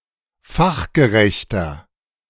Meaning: 1. comparative degree of fachgerecht 2. inflection of fachgerecht: strong/mixed nominative masculine singular 3. inflection of fachgerecht: strong genitive/dative feminine singular
- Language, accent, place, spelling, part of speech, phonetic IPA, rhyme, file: German, Germany, Berlin, fachgerechter, adjective, [ˈfaxɡəˌʁɛçtɐ], -axɡəʁɛçtɐ, De-fachgerechter.ogg